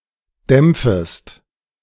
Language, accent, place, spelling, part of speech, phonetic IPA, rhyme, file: German, Germany, Berlin, dämpfest, verb, [ˈdɛmp͡fəst], -ɛmp͡fəst, De-dämpfest.ogg
- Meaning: second-person singular subjunctive I of dämpfen